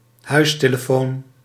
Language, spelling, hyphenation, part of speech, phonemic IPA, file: Dutch, huistelefoon, huis‧te‧le‧foon, noun, /ˈɦœy̯s.teː.ləˌfoːn/, Nl-huistelefoon.ogg
- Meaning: a home telephone